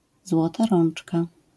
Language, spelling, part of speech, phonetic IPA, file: Polish, złota rączka, noun, [ˈzwɔta ˈrɔ̃n͇t͡ʃka], LL-Q809 (pol)-złota rączka.wav